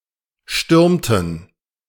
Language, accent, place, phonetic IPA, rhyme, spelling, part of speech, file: German, Germany, Berlin, [ˈʃtʏʁmtn̩], -ʏʁmtn̩, stürmten, verb, De-stürmten.ogg
- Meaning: inflection of stürmen: 1. first/third-person plural preterite 2. first/third-person plural subjunctive II